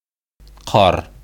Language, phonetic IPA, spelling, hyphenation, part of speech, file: Bashkir, [qɑr], ҡар, ҡар, noun, Ba-ҡар.ogg
- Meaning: snow